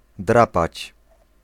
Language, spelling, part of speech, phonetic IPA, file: Polish, drapać, verb, [ˈdrapat͡ɕ], Pl-drapać.ogg